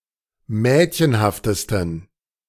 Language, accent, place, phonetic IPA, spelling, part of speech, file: German, Germany, Berlin, [ˈmɛːtçənhaftəstn̩], mädchenhaftesten, adjective, De-mädchenhaftesten.ogg
- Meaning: 1. superlative degree of mädchenhaft 2. inflection of mädchenhaft: strong genitive masculine/neuter singular superlative degree